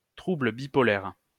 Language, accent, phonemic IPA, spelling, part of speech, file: French, France, /tʁu.blə bi.pɔ.lɛʁ/, trouble bipolaire, noun, LL-Q150 (fra)-trouble bipolaire.wav
- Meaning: bipolar disorder